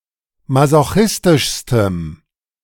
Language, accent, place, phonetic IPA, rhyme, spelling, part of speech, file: German, Germany, Berlin, [mazoˈxɪstɪʃstəm], -ɪstɪʃstəm, masochistischstem, adjective, De-masochistischstem.ogg
- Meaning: strong dative masculine/neuter singular superlative degree of masochistisch